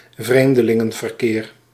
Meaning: tourism
- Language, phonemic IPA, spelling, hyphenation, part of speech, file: Dutch, /ˈvreːm.də.lɪ.ŋə(n).vərˌkeːr/, vreemdelingenverkeer, vreem‧de‧lin‧gen‧ver‧keer, noun, Nl-vreemdelingenverkeer.ogg